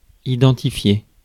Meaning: 1. to identify 2. to log in
- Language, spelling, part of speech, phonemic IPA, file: French, identifier, verb, /i.dɑ̃.ti.fje/, Fr-identifier.ogg